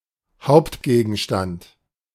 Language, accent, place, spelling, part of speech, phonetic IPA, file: German, Germany, Berlin, Hauptgegenstand, noun, [ˈhaʊ̯ptɡeːɡn̩ʃtant], De-Hauptgegenstand.ogg
- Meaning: 1. main theme, topic 2. major (main area of study)